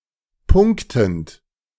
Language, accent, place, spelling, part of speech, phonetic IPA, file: German, Germany, Berlin, punktend, verb, [ˈpʊŋktn̩t], De-punktend.ogg
- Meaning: present participle of punkten